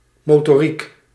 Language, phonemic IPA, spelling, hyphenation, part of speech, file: Dutch, /ˌmotoˈrik/, motoriek, mo‧to‧riek, noun, Nl-motoriek.ogg
- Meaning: motor skill